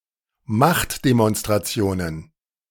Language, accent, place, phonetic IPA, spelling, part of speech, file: German, Germany, Berlin, [ˈmaxtdemɔnstʁaˌt͡si̯oːnən], Machtdemonstrationen, noun, De-Machtdemonstrationen.ogg
- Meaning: plural of Machtdemonstration